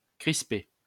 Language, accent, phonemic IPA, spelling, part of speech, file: French, France, /kʁis.pe/, crisper, verb, LL-Q150 (fra)-crisper.wav
- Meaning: to tense, to tense up